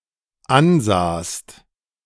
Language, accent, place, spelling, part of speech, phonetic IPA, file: German, Germany, Berlin, ansahst, verb, [ˈanˌzaːst], De-ansahst.ogg
- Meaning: second-person singular dependent preterite of ansehen